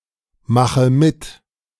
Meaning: inflection of mitmachen: 1. first-person singular present 2. first/third-person singular subjunctive I 3. singular imperative
- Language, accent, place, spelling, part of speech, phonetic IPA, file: German, Germany, Berlin, mache mit, verb, [ˌmaxə ˈmɪt], De-mache mit.ogg